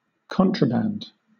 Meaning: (noun) 1. Any goods which are illicit or illegal to possess 2. Goods which are prohibited from being traded, smuggled goods
- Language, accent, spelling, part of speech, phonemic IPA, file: English, Southern England, contraband, noun / adjective / verb, /ˈkɒn.tɹəˌbænd/, LL-Q1860 (eng)-contraband.wav